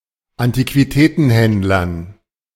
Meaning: dative plural of Antiquitätenhändler
- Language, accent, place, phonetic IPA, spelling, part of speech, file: German, Germany, Berlin, [antikviˈtɛːtn̩ˌhɛndlɐn], Antiquitätenhändlern, noun, De-Antiquitätenhändlern.ogg